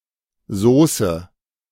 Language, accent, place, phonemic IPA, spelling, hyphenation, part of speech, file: German, Germany, Berlin, /ˈzoːsə/, Sauce, Sau‧ce, noun, De-Sauce.ogg
- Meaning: synonym of Soße